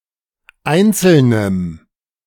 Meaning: strong dative masculine/neuter singular of einzeln
- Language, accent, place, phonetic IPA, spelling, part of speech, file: German, Germany, Berlin, [ˈaɪ̯nt͡sl̩nəm], einzelnem, adjective, De-einzelnem.ogg